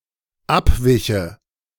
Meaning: first/third-person singular dependent subjunctive II of abweichen
- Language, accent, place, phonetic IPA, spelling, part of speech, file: German, Germany, Berlin, [ˈapˌvɪçə], abwiche, verb, De-abwiche.ogg